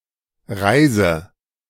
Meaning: inflection of reisen: 1. first-person singular present 2. first/third-person singular subjunctive I 3. singular imperative
- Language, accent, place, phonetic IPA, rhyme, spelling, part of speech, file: German, Germany, Berlin, [ˈʁaɪ̯zə], -aɪ̯zə, reise, verb, De-reise.ogg